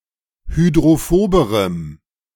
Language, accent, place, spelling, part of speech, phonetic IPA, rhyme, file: German, Germany, Berlin, hydrophoberem, adjective, [hydʁoˈfoːbəʁəm], -oːbəʁəm, De-hydrophoberem.ogg
- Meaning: strong dative masculine/neuter singular comparative degree of hydrophob